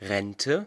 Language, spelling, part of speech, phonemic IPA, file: German, Rente, noun, /ˈʁɛntə/, De-Rente.ogg
- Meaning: pension, retirement pay